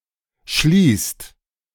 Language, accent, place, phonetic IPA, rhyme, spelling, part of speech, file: German, Germany, Berlin, [ʃliːst], -iːst, schließt, verb, De-schließt.ogg
- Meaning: inflection of schließen: 1. second/third-person singular present 2. second-person plural present 3. plural imperative